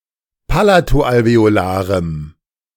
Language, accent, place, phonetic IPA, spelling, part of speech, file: German, Germany, Berlin, [ˈpalatoʔalveoˌlaːʁəm], palato-alveolarem, adjective, De-palato-alveolarem.ogg
- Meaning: strong dative masculine/neuter singular of palato-alveolar